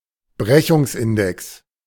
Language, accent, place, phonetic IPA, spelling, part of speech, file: German, Germany, Berlin, [ˈbʁɛçʊŋsˌʔɪndɛks], Brechungsindex, noun, De-Brechungsindex.ogg
- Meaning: refractive index